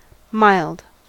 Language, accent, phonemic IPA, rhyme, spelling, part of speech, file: English, US, /ˈmaɪld/, -aɪld, mild, adjective / noun, En-us-mild.ogg
- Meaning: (adjective) 1. Gentle and not easily angered 2. Of only moderate severity; not strict 3. Conciliatory, nonpolemical; gentle in tone 4. Not overly felt or seriously intended 5. Not serious or dangerous